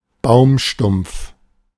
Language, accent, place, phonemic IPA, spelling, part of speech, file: German, Germany, Berlin, /ˈbaʊ̯mˌʃtʊm(p)f/, Baumstumpf, noun, De-Baumstumpf.ogg
- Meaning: tree stump